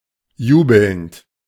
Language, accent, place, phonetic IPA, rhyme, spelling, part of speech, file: German, Germany, Berlin, [ˈjuːbl̩nt], -uːbl̩nt, jubelnd, adjective / verb, De-jubelnd.ogg
- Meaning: present participle of jubeln